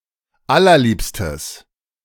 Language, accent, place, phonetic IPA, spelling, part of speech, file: German, Germany, Berlin, [ˈalɐˌliːpstəs], allerliebstes, adjective, De-allerliebstes.ogg
- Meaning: strong/mixed nominative/accusative neuter singular of allerliebst